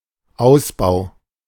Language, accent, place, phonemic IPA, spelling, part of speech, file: German, Germany, Berlin, /ˈaʊ̯sˌbaʊ̯/, Ausbau, noun, De-Ausbau.ogg
- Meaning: 1. expansion, update 2. development, buildout